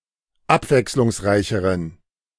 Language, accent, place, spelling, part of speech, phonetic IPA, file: German, Germany, Berlin, abwechslungsreicheren, adjective, [ˈapvɛkslʊŋsˌʁaɪ̯çəʁən], De-abwechslungsreicheren.ogg
- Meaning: inflection of abwechslungsreich: 1. strong genitive masculine/neuter singular comparative degree 2. weak/mixed genitive/dative all-gender singular comparative degree